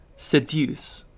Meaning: 1. To beguile or lure (someone) away from duty, accepted principles, or proper conduct; to lead astray 2. To entice or induce (someone) to engage in a sexual relationship
- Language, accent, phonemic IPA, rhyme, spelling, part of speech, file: English, UK, /sɪˈdjuːs/, -uːs, seduce, verb, En-uk-seduce.ogg